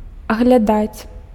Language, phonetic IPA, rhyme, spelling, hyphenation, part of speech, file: Belarusian, [aɣlʲaˈdat͡sʲ], -at͡sʲ, аглядаць, аг‧ля‧даць, verb, Be-аглядаць.ogg
- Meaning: 1. to examine, to inspect, to view (to take a look, see from all sides) 2. to look around 3. to come across